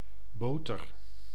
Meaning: 1. butter, a spread made from churned milk 2. a butter substitute, typically made of vegetable oils
- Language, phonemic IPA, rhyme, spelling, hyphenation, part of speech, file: Dutch, /ˈboːtər/, -oːtər, boter, bo‧ter, noun, Nl-boter.ogg